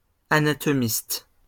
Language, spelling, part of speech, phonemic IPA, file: French, anatomiste, noun, /a.na.tɔ.mist/, LL-Q150 (fra)-anatomiste.wav
- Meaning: anatomist